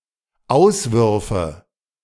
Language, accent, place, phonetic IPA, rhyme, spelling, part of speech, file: German, Germany, Berlin, [ˈaʊ̯sˌvʏʁfə], -aʊ̯svʏʁfə, Auswürfe, noun, De-Auswürfe.ogg
- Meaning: nominative/accusative/genitive plural of Auswurf